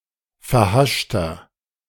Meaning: inflection of verhascht: 1. strong/mixed nominative masculine singular 2. strong genitive/dative feminine singular 3. strong genitive plural
- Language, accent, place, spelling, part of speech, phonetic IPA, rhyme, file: German, Germany, Berlin, verhaschter, adjective, [fɛɐ̯ˈhaʃtɐ], -aʃtɐ, De-verhaschter.ogg